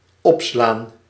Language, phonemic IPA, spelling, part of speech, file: Dutch, /ˈɔpslan/, opslaan, verb, Nl-opslaan.ogg
- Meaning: 1. to save, to store (a file, page) 2. to increase (e.g. of prices)